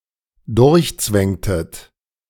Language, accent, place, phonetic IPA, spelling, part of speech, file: German, Germany, Berlin, [ˈdʊʁçˌt͡svɛŋtət], durchzwängtet, verb, De-durchzwängtet.ogg
- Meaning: inflection of durchzwängen: 1. second-person plural dependent preterite 2. second-person plural dependent subjunctive II